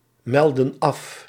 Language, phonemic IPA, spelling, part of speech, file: Dutch, /ˈmɛldə(n) ˈɑf/, meldden af, verb, Nl-meldden af.ogg
- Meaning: inflection of afmelden: 1. plural past indicative 2. plural past subjunctive